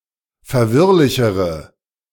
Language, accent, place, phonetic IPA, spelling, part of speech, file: German, Germany, Berlin, [fɛɐ̯ˈvɪʁlɪçəʁə], verwirrlichere, adjective, De-verwirrlichere.ogg
- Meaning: inflection of verwirrlich: 1. strong/mixed nominative/accusative feminine singular comparative degree 2. strong nominative/accusative plural comparative degree